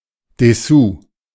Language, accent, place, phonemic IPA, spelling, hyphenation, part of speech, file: German, Germany, Berlin, /dɛˈsuː/, Dessous, Des‧sous, noun, De-Dessous.ogg
- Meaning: lingerie